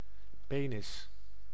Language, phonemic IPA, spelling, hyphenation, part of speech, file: Dutch, /ˈpeː.nɪs/, penis, pe‧nis, noun, Nl-penis.ogg
- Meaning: penis